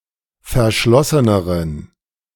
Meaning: inflection of verschlossen: 1. strong genitive masculine/neuter singular comparative degree 2. weak/mixed genitive/dative all-gender singular comparative degree
- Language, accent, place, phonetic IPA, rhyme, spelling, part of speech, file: German, Germany, Berlin, [fɛɐ̯ˈʃlɔsənəʁən], -ɔsənəʁən, verschlosseneren, adjective, De-verschlosseneren.ogg